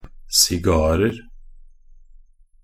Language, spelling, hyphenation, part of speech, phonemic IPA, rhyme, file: Norwegian Bokmål, sigarer, si‧gar‧er, noun, /sɪˈɡɑːrər/, -ər, Nb-sigarer.ogg
- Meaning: indefinite plural of sigar